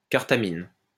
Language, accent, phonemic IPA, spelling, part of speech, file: French, France, /kaʁ.ta.min/, carthamine, noun, LL-Q150 (fra)-carthamine.wav
- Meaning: carthamin